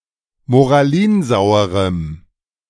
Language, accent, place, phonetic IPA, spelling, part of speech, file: German, Germany, Berlin, [moʁaˈliːnˌzaʊ̯əʁəm], moralinsauerem, adjective, De-moralinsauerem.ogg
- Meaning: strong dative masculine/neuter singular of moralinsauer